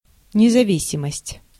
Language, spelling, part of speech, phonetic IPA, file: Russian, независимость, noun, [nʲɪzɐˈvʲisʲɪməsʲtʲ], Ru-независимость.ogg
- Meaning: independence